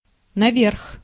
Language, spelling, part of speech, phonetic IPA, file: Russian, наверх, adverb, [nɐˈvʲerx], Ru-наверх.ogg
- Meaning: 1. up, upward 2. upstairs (direction)